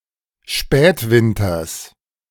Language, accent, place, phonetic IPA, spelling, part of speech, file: German, Germany, Berlin, [ˈʃpɛːtˌvɪntɐs], Spätwinters, noun, De-Spätwinters.ogg
- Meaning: genitive singular of Spätwinter